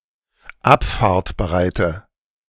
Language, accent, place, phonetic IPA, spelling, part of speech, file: German, Germany, Berlin, [ˈapfaːɐ̯tbəˌʁaɪ̯tə], abfahrtbereite, adjective, De-abfahrtbereite.ogg
- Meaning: inflection of abfahrtbereit: 1. strong/mixed nominative/accusative feminine singular 2. strong nominative/accusative plural 3. weak nominative all-gender singular